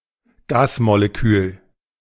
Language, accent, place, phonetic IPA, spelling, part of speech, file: German, Germany, Berlin, [ˈɡaːsmoleˌkyːl], Gasmolekül, noun, De-Gasmolekül.ogg
- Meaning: gas molecule